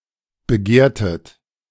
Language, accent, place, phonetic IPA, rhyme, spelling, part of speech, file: German, Germany, Berlin, [bəˈɡeːɐ̯tət], -eːɐ̯tət, begehrtet, verb, De-begehrtet.ogg
- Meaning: inflection of begehren: 1. second-person plural preterite 2. second-person plural subjunctive II